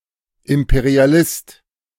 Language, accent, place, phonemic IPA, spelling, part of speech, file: German, Germany, Berlin, /ˌɪmpeʁiaˈlɪst/, Imperialist, noun, De-Imperialist.ogg
- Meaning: imperialist